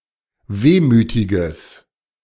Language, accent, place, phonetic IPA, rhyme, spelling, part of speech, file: German, Germany, Berlin, [ˈveːmyːtɪɡəs], -eːmyːtɪɡəs, wehmütiges, adjective, De-wehmütiges.ogg
- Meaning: strong/mixed nominative/accusative neuter singular of wehmütig